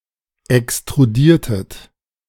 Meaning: inflection of extrudieren: 1. second-person plural preterite 2. second-person plural subjunctive II
- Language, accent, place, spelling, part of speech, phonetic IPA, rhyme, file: German, Germany, Berlin, extrudiertet, verb, [ɛkstʁuˈdiːɐ̯tət], -iːɐ̯tət, De-extrudiertet.ogg